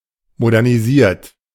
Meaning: 1. past participle of modernisieren 2. inflection of modernisieren: second-person plural present 3. inflection of modernisieren: third-person singular present
- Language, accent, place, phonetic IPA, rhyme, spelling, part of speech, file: German, Germany, Berlin, [modɛʁniˈziːɐ̯t], -iːɐ̯t, modernisiert, verb, De-modernisiert.ogg